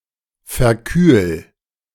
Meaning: 1. singular imperative of verkühlen 2. first-person singular present of verkühlen
- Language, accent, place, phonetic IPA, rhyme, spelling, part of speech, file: German, Germany, Berlin, [fɛɐ̯ˈkyːl], -yːl, verkühl, verb, De-verkühl.ogg